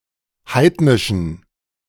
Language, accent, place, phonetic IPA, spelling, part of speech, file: German, Germany, Berlin, [ˈhaɪ̯tnɪʃn̩], heidnischen, adjective, De-heidnischen.ogg
- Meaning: inflection of heidnisch: 1. strong genitive masculine/neuter singular 2. weak/mixed genitive/dative all-gender singular 3. strong/weak/mixed accusative masculine singular 4. strong dative plural